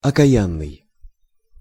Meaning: damned, cursed
- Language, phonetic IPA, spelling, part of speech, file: Russian, [ɐkɐˈjanːɨj], окаянный, adjective, Ru-окаянный.ogg